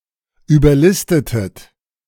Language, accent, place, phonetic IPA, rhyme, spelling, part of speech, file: German, Germany, Berlin, [yːbɐˈlɪstətət], -ɪstətət, überlistetet, verb, De-überlistetet.ogg
- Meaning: inflection of überlisten: 1. second-person plural preterite 2. second-person plural subjunctive II